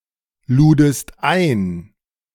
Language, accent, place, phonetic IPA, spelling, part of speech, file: German, Germany, Berlin, [ˌluːdəst ˈaɪ̯n], ludest ein, verb, De-ludest ein.ogg
- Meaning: second-person singular preterite of einladen